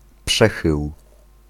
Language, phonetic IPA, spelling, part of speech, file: Polish, [ˈpʃɛxɨw], przechył, noun, Pl-przechył.ogg